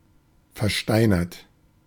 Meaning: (adjective) stony, petrified, expressionless; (verb) 1. past participle of versteinern 2. inflection of versteinern: third-person singular present
- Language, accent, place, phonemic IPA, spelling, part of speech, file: German, Germany, Berlin, /fɛɐ̯ˈʃtaɪ̯nɐt/, versteinert, adjective / verb, De-versteinert.ogg